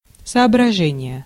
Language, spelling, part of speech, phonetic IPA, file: Russian, соображение, noun, [sɐɐbrɐˈʐɛnʲɪje], Ru-соображение.ogg
- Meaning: 1. consideration 2. reason 3. grasp, understanding